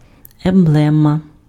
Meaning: emblem
- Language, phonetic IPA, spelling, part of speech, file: Ukrainian, [emˈbɫɛmɐ], емблема, noun, Uk-емблема.ogg